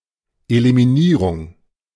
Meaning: elimination (reaction)
- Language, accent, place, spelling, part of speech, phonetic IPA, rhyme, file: German, Germany, Berlin, Eliminierung, noun, [elimiˈniːʁʊŋ], -iːʁʊŋ, De-Eliminierung.ogg